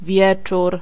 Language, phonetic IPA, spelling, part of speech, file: Polish, [ˈvʲjɛt͡ʃur], wieczór, noun / adverb, Pl-wieczór.ogg